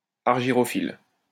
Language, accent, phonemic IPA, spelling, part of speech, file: French, France, /aʁ.ʒi.ʁɔ.fil/, argyrophylle, adjective, LL-Q150 (fra)-argyrophylle.wav
- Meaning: silvery-leaved